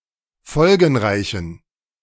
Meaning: inflection of folgenreich: 1. strong genitive masculine/neuter singular 2. weak/mixed genitive/dative all-gender singular 3. strong/weak/mixed accusative masculine singular 4. strong dative plural
- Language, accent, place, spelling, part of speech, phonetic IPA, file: German, Germany, Berlin, folgenreichen, adjective, [ˈfɔlɡn̩ˌʁaɪ̯çn̩], De-folgenreichen.ogg